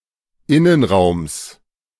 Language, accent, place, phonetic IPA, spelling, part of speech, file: German, Germany, Berlin, [ˈɪnənˌʁaʊ̯ms], Innenraums, noun, De-Innenraums.ogg
- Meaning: genitive of Innenraum